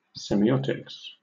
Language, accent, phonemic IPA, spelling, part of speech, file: English, Southern England, /ˌsɛm.iˈɒt.ɪks/, semiotics, noun, LL-Q1860 (eng)-semiotics.wav
- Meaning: 1. The study of signs and symbols, especially as means of language or communication 2. The study of medical signs and symptoms; symptomatology